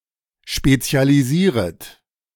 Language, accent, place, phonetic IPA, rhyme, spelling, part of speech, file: German, Germany, Berlin, [ˌʃpet͡si̯aliˈziːʁət], -iːʁət, spezialisieret, verb, De-spezialisieret.ogg
- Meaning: second-person plural subjunctive I of spezialisieren